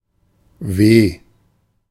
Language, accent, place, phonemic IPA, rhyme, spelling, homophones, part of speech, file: German, Germany, Berlin, /veː/, -eː, weh, W, adjective / interjection, De-weh.ogg
- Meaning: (adjective) sore, painful; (interjection) alas! woe!